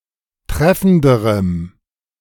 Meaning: strong dative masculine/neuter singular comparative degree of treffend
- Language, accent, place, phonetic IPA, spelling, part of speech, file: German, Germany, Berlin, [ˈtʁɛfn̩dəʁəm], treffenderem, adjective, De-treffenderem.ogg